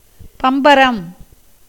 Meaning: spinning top
- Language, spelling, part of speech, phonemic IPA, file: Tamil, பம்பரம், noun, /pambaɾam/, Ta-பம்பரம்.ogg